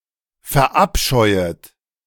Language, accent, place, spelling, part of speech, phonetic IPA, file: German, Germany, Berlin, verabscheuet, verb, [fɛɐ̯ˈʔapʃɔɪ̯ət], De-verabscheuet.ogg
- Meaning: second-person plural subjunctive I of verabscheuen